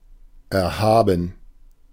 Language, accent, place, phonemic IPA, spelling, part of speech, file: German, Germany, Berlin, /ɛrˈhaːbən/, erhaben, adjective, De-erhaben.ogg
- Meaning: 1. sublime, exalted, elevated, lordly 2. unassailable, above (something) 3. embossed, relief